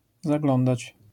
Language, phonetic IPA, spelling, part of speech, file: Polish, [zaˈɡlɔ̃ndat͡ɕ], zaglądać, verb, LL-Q809 (pol)-zaglądać.wav